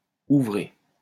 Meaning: to work
- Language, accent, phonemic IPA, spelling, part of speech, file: French, France, /u.vʁe/, ouvrer, verb, LL-Q150 (fra)-ouvrer.wav